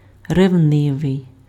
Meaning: jealous (suspecting rivalry in love; fearful of being replaced, in position or in affection)
- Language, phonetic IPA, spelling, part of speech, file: Ukrainian, [reu̯ˈnɪʋei̯], ревнивий, adjective, Uk-ревнивий.ogg